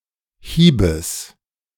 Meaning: genitive of Hieb
- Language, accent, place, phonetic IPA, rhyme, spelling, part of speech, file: German, Germany, Berlin, [ˈhiːbəs], -iːbəs, Hiebes, noun, De-Hiebes.ogg